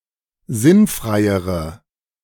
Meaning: inflection of sinnfrei: 1. strong/mixed nominative/accusative feminine singular comparative degree 2. strong nominative/accusative plural comparative degree
- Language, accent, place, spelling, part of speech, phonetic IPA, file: German, Germany, Berlin, sinnfreiere, adjective, [ˈzɪnˌfʁaɪ̯əʁə], De-sinnfreiere.ogg